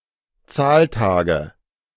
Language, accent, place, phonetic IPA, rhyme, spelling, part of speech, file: German, Germany, Berlin, [ˈt͡saːlˌtaːɡə], -aːltaːɡə, Zahltage, noun, De-Zahltage.ogg
- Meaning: nominative/accusative/genitive plural of Zahltag